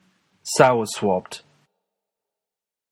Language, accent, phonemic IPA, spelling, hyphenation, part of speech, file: English, General American, /ˈzaʊɚˌswɑpt/, zowerswopped, zow‧er‧swopped, adjective, En-us-zowerswopped.flac
- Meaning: Synonym of bad-tempered